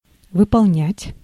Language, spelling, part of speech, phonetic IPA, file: Russian, выполнять, verb, [vɨpɐɫˈnʲætʲ], Ru-выполнять.ogg
- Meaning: 1. to carry out, to implement, to accomplish, to fulfill, to execute, to perform 2. to make up, to create